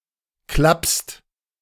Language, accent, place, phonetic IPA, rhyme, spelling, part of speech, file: German, Germany, Berlin, [klapst], -apst, klappst, verb, De-klappst.ogg
- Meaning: second-person singular present of klappen